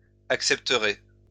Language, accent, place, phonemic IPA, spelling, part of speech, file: French, France, Lyon, /ak.sɛp.tə.ʁe/, accepterez, verb, LL-Q150 (fra)-accepterez.wav
- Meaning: second-person plural future of accepter